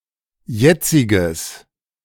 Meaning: strong/mixed nominative/accusative neuter singular of jetzig
- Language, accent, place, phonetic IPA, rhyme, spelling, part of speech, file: German, Germany, Berlin, [ˈjɛt͡sɪɡəs], -ɛt͡sɪɡəs, jetziges, adjective, De-jetziges.ogg